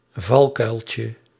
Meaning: diminutive of valkuil
- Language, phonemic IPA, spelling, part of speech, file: Dutch, /ˈvɑlkœylcə/, valkuiltje, noun, Nl-valkuiltje.ogg